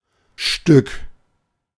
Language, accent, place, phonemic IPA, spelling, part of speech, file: German, Germany, Berlin, /ʃtʏk/, Stück, noun, De-Stück.ogg
- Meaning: 1. one, item, piece, unit(of something countable; often untranslated in English) 2. head (a single animal) 3. piece (portion of something bigger or of an uncountable mass)